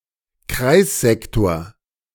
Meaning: circular sector
- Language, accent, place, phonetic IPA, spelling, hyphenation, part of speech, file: German, Germany, Berlin, [ˈkʁaɪ̯sˌzɛktoːɐ̯], Kreissektor, Kreis‧sek‧tor, noun, De-Kreissektor.ogg